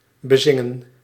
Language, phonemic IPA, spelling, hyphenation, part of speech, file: Dutch, /bəˈzɪ.ŋə(n)/, bezingen, be‧zin‧gen, verb, Nl-bezingen.ogg
- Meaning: 1. to sing about a specific subject, to besing 2. to sing the praises of